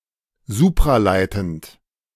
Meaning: superconducting
- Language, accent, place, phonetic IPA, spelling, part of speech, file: German, Germany, Berlin, [ˈzuːpʁaˌlaɪ̯tn̩t], supraleitend, adjective, De-supraleitend.ogg